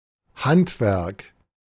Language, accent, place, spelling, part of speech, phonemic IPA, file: German, Germany, Berlin, Handwerk, noun, /ˈhantvɛʁk/, De-Handwerk.ogg
- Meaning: 1. labour, especially of a manual type 2. trade (skilled practice) 3. something made by hand, handcraft